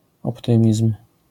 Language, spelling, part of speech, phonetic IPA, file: Polish, optymizm, noun, [ɔpˈtɨ̃mʲism̥], LL-Q809 (pol)-optymizm.wav